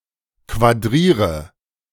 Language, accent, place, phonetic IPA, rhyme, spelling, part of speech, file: German, Germany, Berlin, [kvaˈdʁiːʁə], -iːʁə, quadriere, verb, De-quadriere.ogg
- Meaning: inflection of quadrieren: 1. first-person singular present 2. first/third-person singular subjunctive I 3. singular imperative